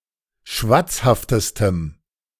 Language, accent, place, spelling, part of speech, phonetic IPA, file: German, Germany, Berlin, schwatzhaftestem, adjective, [ˈʃvat͡sˌhaftəstəm], De-schwatzhaftestem.ogg
- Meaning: strong dative masculine/neuter singular superlative degree of schwatzhaft